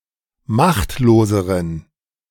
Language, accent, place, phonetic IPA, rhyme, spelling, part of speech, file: German, Germany, Berlin, [ˈmaxtloːzəʁən], -axtloːzəʁən, machtloseren, adjective, De-machtloseren.ogg
- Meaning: inflection of machtlos: 1. strong genitive masculine/neuter singular comparative degree 2. weak/mixed genitive/dative all-gender singular comparative degree